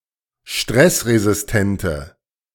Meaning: inflection of stressresistent: 1. strong/mixed nominative/accusative feminine singular 2. strong nominative/accusative plural 3. weak nominative all-gender singular
- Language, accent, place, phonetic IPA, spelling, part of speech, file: German, Germany, Berlin, [ˈʃtʁɛsʁezɪsˌtɛntə], stressresistente, adjective, De-stressresistente.ogg